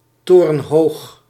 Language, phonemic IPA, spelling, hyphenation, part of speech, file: Dutch, /ˌtoː.rə(n)ˈɦoːx/, torenhoog, to‧ren‧hoog, adjective, Nl-torenhoog.ogg
- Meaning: very high, very tall